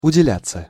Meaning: passive of уделя́ть (udeljátʹ)
- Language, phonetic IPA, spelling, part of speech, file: Russian, [ʊdʲɪˈlʲat͡sːə], уделяться, verb, Ru-уделяться.ogg